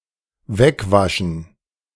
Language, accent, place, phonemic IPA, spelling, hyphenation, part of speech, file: German, Germany, Berlin, /ˈvɛkˌvaʃən/, wegwaschen, weg‧wa‧schen, verb, De-wegwaschen.ogg
- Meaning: to wash away